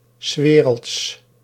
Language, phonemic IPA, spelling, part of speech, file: Dutch, /(ə)ˈsʋeːrəlts/, 's werelds, phrase, Nl-'s werelds.ogg
- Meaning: the world's; of the world; in the world